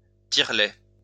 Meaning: breast pump
- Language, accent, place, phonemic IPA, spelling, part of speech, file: French, France, Lyon, /tiʁ.lɛ/, tire-lait, noun, LL-Q150 (fra)-tire-lait.wav